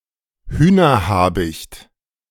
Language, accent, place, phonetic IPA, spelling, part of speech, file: German, Germany, Berlin, [ˈhyːnɐˌhaːbɪçt], Hühnerhabicht, noun, De-Hühnerhabicht.ogg
- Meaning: chickenhawk, goshawk